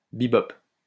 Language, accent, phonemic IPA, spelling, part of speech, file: French, France, /bi.bɔp/, be-bop, adjective / noun, LL-Q150 (fra)-be-bop.wav
- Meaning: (adjective) Influenced by bebop; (noun) bebop